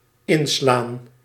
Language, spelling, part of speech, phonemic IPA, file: Dutch, inslaan, verb, /ˈɪn.slaːn/, Nl-inslaan.ogg
- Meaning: 1. to shatter, to break with force 2. to turn into, to follow (e.g. a different path or a corner) 3. to make provision for (e.g. a feast) 4. to strike with force (e.g. lightning)